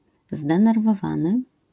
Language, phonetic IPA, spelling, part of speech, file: Polish, [ˌzdɛ̃nɛrvɔˈvãnɨ], zdenerwowany, adjective, LL-Q809 (pol)-zdenerwowany.wav